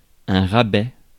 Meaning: discount; reduction in price
- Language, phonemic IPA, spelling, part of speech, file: French, /ʁa.bɛ/, rabais, noun, Fr-rabais.ogg